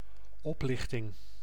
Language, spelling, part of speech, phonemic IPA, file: Dutch, oplichting, noun, /ˈɔplɪxtɪŋ/, Nl-oplichting.ogg
- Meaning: fraud, scam